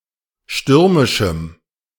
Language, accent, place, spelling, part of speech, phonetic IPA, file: German, Germany, Berlin, stürmischem, adjective, [ˈʃtʏʁmɪʃm̩], De-stürmischem.ogg
- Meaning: strong dative masculine/neuter singular of stürmisch